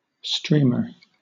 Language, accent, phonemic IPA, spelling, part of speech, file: English, Southern England, /ˈstɹiːmɚ/, streamer, noun, LL-Q1860 (eng)-streamer.wav
- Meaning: 1. A long, narrow flag, or piece of material used or seen as a decoration 2. Strips of paper or other material used as confetti 3. A newspaper headline that runs along the top of a page